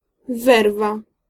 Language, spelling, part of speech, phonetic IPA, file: Polish, werwa, noun, [ˈvɛrva], Pl-werwa.ogg